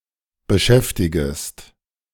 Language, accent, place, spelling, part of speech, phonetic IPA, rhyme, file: German, Germany, Berlin, beschäftigest, verb, [bəˈʃɛftɪɡəst], -ɛftɪɡəst, De-beschäftigest.ogg
- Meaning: second-person singular subjunctive I of beschäftigen